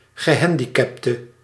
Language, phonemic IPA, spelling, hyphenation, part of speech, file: Dutch, /ɣəˈɦɛn.di.kɛp.tə/, gehandicapte, ge‧han‧di‧cap‧te, noun / adjective, Nl-gehandicapte.ogg
- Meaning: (noun) handicapped person; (adjective) inflection of gehandicapt: 1. masculine/feminine singular attributive 2. definite neuter singular attributive 3. plural attributive